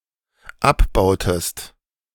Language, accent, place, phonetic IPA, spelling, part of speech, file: German, Germany, Berlin, [ˈapˌbaʊ̯təst], abbautest, verb, De-abbautest.ogg
- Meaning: inflection of abbauen: 1. second-person singular dependent preterite 2. second-person singular dependent subjunctive II